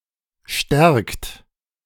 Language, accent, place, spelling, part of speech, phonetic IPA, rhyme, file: German, Germany, Berlin, stärkt, verb, [ʃtɛʁkt], -ɛʁkt, De-stärkt.ogg
- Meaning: inflection of stärken: 1. third-person singular present 2. second-person plural present 3. plural imperative